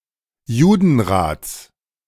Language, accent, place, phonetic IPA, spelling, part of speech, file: German, Germany, Berlin, [ˈjuːdn̩ˌʁaːt͡s], Judenrats, noun, De-Judenrats.ogg
- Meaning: genitive singular of Judenrat